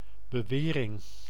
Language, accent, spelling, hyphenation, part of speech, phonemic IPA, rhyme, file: Dutch, Netherlands, bewering, be‧we‧ring, noun, /bəˈʋeː.rɪŋ/, -eːrɪŋ, Nl-bewering.ogg
- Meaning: 1. claim 2. assertion